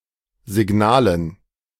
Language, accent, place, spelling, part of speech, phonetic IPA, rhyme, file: German, Germany, Berlin, Signalen, noun, [zɪˈɡnaːlən], -aːlən, De-Signalen.ogg
- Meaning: dative plural of Signal